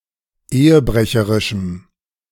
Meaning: strong dative masculine/neuter singular of ehebrecherisch
- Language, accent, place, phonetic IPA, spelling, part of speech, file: German, Germany, Berlin, [ˈeːəˌbʁɛçəʁɪʃm̩], ehebrecherischem, adjective, De-ehebrecherischem.ogg